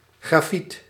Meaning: graphite
- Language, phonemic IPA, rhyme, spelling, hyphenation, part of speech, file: Dutch, /ɣraːˈfit/, -it, grafiet, gra‧fiet, noun, Nl-grafiet.ogg